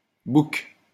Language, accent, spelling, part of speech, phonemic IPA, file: French, France, bouque, noun, /buk/, LL-Q150 (fra)-bouque.wav
- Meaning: canal, strait or similar narrow passage